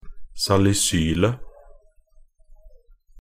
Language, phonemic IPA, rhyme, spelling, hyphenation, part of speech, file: Norwegian Bokmål, /salɪˈsyːlə/, -yːlə, salisylet, sa‧li‧syl‧et, noun, Nb-salisylet.ogg
- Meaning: definite singular of salisyl